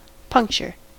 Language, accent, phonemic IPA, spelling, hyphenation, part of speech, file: English, US, /ˈpʌŋkt͡ʃɚ/, puncture, punc‧ture, noun / verb, En-us-puncture.ogg
- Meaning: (noun) 1. The act or an instance of puncturing 2. A hole, cut, or tear created by a sharp object 3. A hole in a vehicle's tyre, causing the tyre to deflate